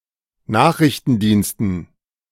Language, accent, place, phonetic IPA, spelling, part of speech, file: German, Germany, Berlin, [ˈnaːxʁɪçtn̩ˌdiːnstn̩], Nachrichtendiensten, noun, De-Nachrichtendiensten.ogg
- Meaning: dative plural of Nachrichtendienst